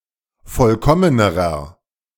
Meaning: inflection of vollkommen: 1. strong/mixed nominative masculine singular comparative degree 2. strong genitive/dative feminine singular comparative degree 3. strong genitive plural comparative degree
- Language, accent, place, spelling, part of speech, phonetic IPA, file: German, Germany, Berlin, vollkommenerer, adjective, [ˈfɔlkɔmənəʁɐ], De-vollkommenerer.ogg